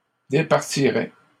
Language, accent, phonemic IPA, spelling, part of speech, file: French, Canada, /de.paʁ.ti.ʁɛ/, départirais, verb, LL-Q150 (fra)-départirais.wav
- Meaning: first/second-person singular conditional of départir